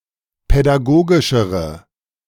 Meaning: inflection of pädagogisch: 1. strong/mixed nominative/accusative feminine singular comparative degree 2. strong nominative/accusative plural comparative degree
- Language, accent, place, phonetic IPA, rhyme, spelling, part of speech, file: German, Germany, Berlin, [pɛdaˈɡoːɡɪʃəʁə], -oːɡɪʃəʁə, pädagogischere, adjective, De-pädagogischere.ogg